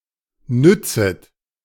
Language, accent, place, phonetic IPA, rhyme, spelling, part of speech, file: German, Germany, Berlin, [ˈnʏt͡sət], -ʏt͡sət, nützet, verb, De-nützet.ogg
- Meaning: second-person plural subjunctive I of nützen